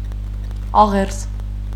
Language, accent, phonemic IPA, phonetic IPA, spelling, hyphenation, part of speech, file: Armenian, Eastern Armenian, /ɑˈʁeɾs/, [ɑʁéɾs], աղերս, ա‧ղերս, noun, Hy-աղերս.ogg
- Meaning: 1. supplication, entreaty 2. relation, connection